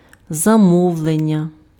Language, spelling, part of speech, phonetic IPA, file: Ukrainian, замовлення, noun, [zɐˈmɔu̯ɫenʲːɐ], Uk-замовлення.ogg
- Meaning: order (request for some product or service)